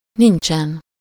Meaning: alternative form of nincs
- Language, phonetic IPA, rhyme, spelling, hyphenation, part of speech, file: Hungarian, [ˈnint͡ʃɛn], -ɛn, nincsen, nin‧csen, verb, Hu-nincsen.ogg